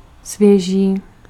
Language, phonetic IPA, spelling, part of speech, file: Czech, [ˈsvjɛʒiː], svěží, adjective, Cs-svěží.ogg
- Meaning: fresh (refreshing or cool)